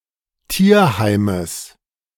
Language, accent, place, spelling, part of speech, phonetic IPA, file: German, Germany, Berlin, Tierheimes, noun, [ˈtiːɐ̯ˌhaɪ̯məs], De-Tierheimes.ogg
- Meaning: genitive singular of Tierheim